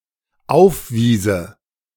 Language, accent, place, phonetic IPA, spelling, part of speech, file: German, Germany, Berlin, [ˈaʊ̯fˌviːzə], aufwiese, verb, De-aufwiese.ogg
- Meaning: first/third-person singular dependent subjunctive II of aufweisen